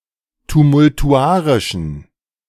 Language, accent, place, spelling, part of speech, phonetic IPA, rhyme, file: German, Germany, Berlin, tumultuarischen, adjective, [tumʊltuˈʔaʁɪʃn̩], -aːʁɪʃn̩, De-tumultuarischen.ogg
- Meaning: inflection of tumultuarisch: 1. strong genitive masculine/neuter singular 2. weak/mixed genitive/dative all-gender singular 3. strong/weak/mixed accusative masculine singular 4. strong dative plural